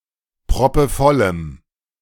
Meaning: strong dative masculine/neuter singular of proppevoll
- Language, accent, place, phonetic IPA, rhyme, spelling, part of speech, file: German, Germany, Berlin, [pʁɔpəˈfɔləm], -ɔləm, proppevollem, adjective, De-proppevollem.ogg